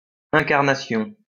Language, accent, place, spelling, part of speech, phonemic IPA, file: French, France, Lyon, incarnation, noun, /ɛ̃.kaʁ.na.sjɔ̃/, LL-Q150 (fra)-incarnation.wav
- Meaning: embodiment (entity typifying an abstraction)